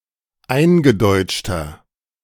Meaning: inflection of eingedeutscht: 1. strong/mixed nominative masculine singular 2. strong genitive/dative feminine singular 3. strong genitive plural
- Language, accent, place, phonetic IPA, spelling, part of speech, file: German, Germany, Berlin, [ˈaɪ̯nɡəˌdɔɪ̯t͡ʃtɐ], eingedeutschter, adjective, De-eingedeutschter.ogg